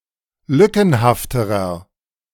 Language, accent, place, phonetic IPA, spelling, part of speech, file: German, Germany, Berlin, [ˈlʏkn̩haftəʁɐ], lückenhafterer, adjective, De-lückenhafterer.ogg
- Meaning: inflection of lückenhaft: 1. strong/mixed nominative masculine singular comparative degree 2. strong genitive/dative feminine singular comparative degree 3. strong genitive plural comparative degree